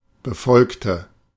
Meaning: inflection of befolgen: 1. first/third-person singular preterite 2. first/third-person singular subjunctive II
- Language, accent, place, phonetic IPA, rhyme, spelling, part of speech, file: German, Germany, Berlin, [bəˈfɔlktə], -ɔlktə, befolgte, adjective / verb, De-befolgte.ogg